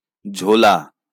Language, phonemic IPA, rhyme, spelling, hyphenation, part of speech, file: Bengali, /d͡ʒʱo.la/, -ola, ঝোলা, ঝো‧লা, verb / adjective / noun, LL-Q9610 (ben)-ঝোলা.wav
- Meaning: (verb) 1. to hang 2. to swing; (adjective) 1. loose hanging 2. thin like broth; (noun) 1. a large cloth bag 2. a large cloth bag: especially a cloth bag that can be hung from one's shoulder